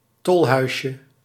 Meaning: diminutive of tolhuis
- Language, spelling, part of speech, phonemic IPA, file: Dutch, tolhuisje, noun, /ˈtɔlhœyʃə/, Nl-tolhuisje.ogg